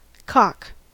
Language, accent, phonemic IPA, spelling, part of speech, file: English, US, /kɑk/, cock, noun / verb / interjection / proper noun, En-us-cock.ogg
- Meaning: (noun) A male bird, especially: 1. A rooster: a male gallinaceous bird, especially a male domestic chicken (Gallus gallus domesticus) 2. A cock pigeon